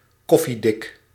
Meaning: coffee grounds (sediment in coffee)
- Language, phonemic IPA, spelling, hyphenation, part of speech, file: Dutch, /ˈkɔ.fiˌdɪk/, koffiedik, kof‧fie‧dik, noun, Nl-koffiedik.ogg